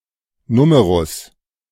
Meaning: number
- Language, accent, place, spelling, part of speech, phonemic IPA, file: German, Germany, Berlin, Numerus, noun, /ˈnuːməʁʊs/, De-Numerus.ogg